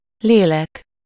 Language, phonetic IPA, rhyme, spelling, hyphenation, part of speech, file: Hungarian, [ˈleːlɛk], -ɛk, lélek, lé‧lek, noun, Hu-lélek.ogg
- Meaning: 1. soul (spirit of a person thought to consist of one's thoughts and personality) 2. soul (person, especially as one among many)